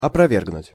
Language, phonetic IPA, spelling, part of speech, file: Russian, [ɐprɐˈvʲerɡnʊtʲ], опровергнуть, verb, Ru-опровергнуть.ogg
- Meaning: 1. to refute, to disprove 2. to deny, to disclaim